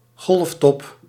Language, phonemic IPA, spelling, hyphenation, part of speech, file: Dutch, /ˈɣɔlf.tɔp/, golftop, golf‧top, noun, Nl-golftop.ogg
- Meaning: a wave crest (in a liquid)